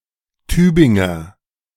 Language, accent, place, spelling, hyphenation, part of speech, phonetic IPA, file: German, Germany, Berlin, Tübinger, Tü‧bin‧ger, noun / adjective, [ˈtyːbɪŋɐ], De-Tübinger.ogg
- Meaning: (noun) A native or inhabitant of Tübingen; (adjective) of Tübingen